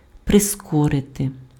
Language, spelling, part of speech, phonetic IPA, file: Ukrainian, прискорити, verb, [preˈskɔrete], Uk-прискорити.ogg
- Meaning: to accelerate, to speed up, to hasten, to quicken (cause to go faster)